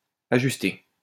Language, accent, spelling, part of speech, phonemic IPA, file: French, France, ajusté, verb, /a.ʒys.te/, LL-Q150 (fra)-ajusté.wav
- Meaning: past participle of ajuster